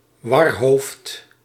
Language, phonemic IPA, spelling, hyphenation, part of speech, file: Dutch, /ˈʋɑr.ɦoːft/, warhoofd, war‧hoofd, noun, Nl-warhoofd.ogg
- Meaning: scatterbrain